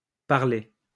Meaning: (adjective) feminine plural of parlé
- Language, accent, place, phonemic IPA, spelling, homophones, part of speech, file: French, France, Lyon, /paʁ.le/, parlées, parlai / parlé / parlée / parler / parlés / parlez, adjective / verb, LL-Q150 (fra)-parlées.wav